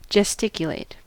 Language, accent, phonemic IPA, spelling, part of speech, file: English, US, /d͡ʒɛsˈtɪkjəleɪt/, gesticulate, verb, En-us-gesticulate.ogg
- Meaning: 1. To make gestures or motions, as in speaking 2. To say or express through gestures